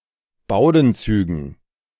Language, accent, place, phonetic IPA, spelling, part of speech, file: German, Germany, Berlin, [ˈbaʊ̯dn̩ˌt͡syːɡn̩], Bowdenzügen, noun, De-Bowdenzügen.ogg
- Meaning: dative plural of Bowdenzug